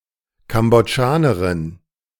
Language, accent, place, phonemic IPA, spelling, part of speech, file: German, Germany, Berlin, /kambɔˈdʒaːnɐʁɪn/, Kambodschanerin, noun, De-Kambodschanerin.ogg
- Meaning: Cambodian (a female person from Cambodia or of Cambodian descent)